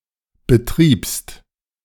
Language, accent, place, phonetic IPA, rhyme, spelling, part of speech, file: German, Germany, Berlin, [bəˈtʁiːpst], -iːpst, betriebst, verb, De-betriebst.ogg
- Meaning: second-person singular preterite of betreiben